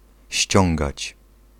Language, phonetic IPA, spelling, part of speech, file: Polish, [ˈɕt͡ɕɔ̃ŋɡat͡ɕ], ściągać, verb, Pl-ściągać.ogg